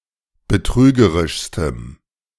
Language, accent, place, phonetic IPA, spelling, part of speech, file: German, Germany, Berlin, [bəˈtʁyːɡəʁɪʃstəm], betrügerischstem, adjective, De-betrügerischstem.ogg
- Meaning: strong dative masculine/neuter singular superlative degree of betrügerisch